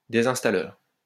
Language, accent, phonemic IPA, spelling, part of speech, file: French, France, /de.zɛ̃s.ta.lœʁ/, désinstalleur, noun, LL-Q150 (fra)-désinstalleur.wav
- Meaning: uninstaller